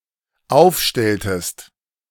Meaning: inflection of aufstellen: 1. second-person singular dependent preterite 2. second-person singular dependent subjunctive II
- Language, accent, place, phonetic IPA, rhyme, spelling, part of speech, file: German, Germany, Berlin, [ˈaʊ̯fˌʃtɛltəst], -aʊ̯fʃtɛltəst, aufstelltest, verb, De-aufstelltest.ogg